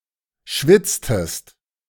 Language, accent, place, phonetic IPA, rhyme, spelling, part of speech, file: German, Germany, Berlin, [ˈʃvɪt͡stəst], -ɪt͡stəst, schwitztest, verb, De-schwitztest.ogg
- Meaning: inflection of schwitzen: 1. second-person singular preterite 2. second-person singular subjunctive II